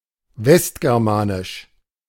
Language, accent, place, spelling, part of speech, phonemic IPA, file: German, Germany, Berlin, westgermanisch, adjective, /ˈvɛstɡɛʁˌmaːnɪʃ/, De-westgermanisch.ogg
- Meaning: West Germanic